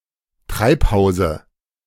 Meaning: dative of Treibhaus
- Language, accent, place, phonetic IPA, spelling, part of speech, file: German, Germany, Berlin, [ˈtʁaɪ̯pˌhaʊ̯zə], Treibhause, noun, De-Treibhause.ogg